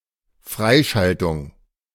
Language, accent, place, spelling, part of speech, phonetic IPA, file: German, Germany, Berlin, Freischaltung, noun, [ˈfʁaɪ̯ˌʃaltʊŋ], De-Freischaltung.ogg
- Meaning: activation, clearing